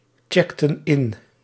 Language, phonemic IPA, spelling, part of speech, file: Dutch, /ˈtʃɛktə(n) ˈɪn/, checkten in, verb, Nl-checkten in.ogg
- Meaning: inflection of inchecken: 1. plural past indicative 2. plural past subjunctive